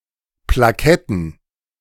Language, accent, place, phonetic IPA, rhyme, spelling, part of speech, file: German, Germany, Berlin, [plaˈkɛtn̩], -ɛtn̩, Plaketten, noun, De-Plaketten.ogg
- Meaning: plural of Plakette